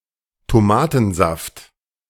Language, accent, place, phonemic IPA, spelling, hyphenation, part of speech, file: German, Germany, Berlin, /toˈmaːtn̩ˌzaft/, Tomatensaft, To‧ma‧ten‧saft, noun, De-Tomatensaft.ogg
- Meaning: tomato juice